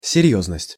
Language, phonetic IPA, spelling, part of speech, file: Russian, [sʲɪˈrʲjɵznəsʲtʲ], серьёзность, noun, Ru-серьёзность.ogg
- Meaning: 1. seriousness, earnestness 2. gravity, severity